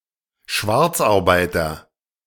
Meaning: illicit or illegal worker, clandestine worker, undocumented worker (American), moonlighter (colloquial)
- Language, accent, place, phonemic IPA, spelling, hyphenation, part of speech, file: German, Germany, Berlin, /ˈʃvaʁt͡sʔaʁˌbaɪ̯tɐ/, Schwarzarbeiter, Schwarz‧ar‧bei‧ter, noun, De-Schwarzarbeiter.ogg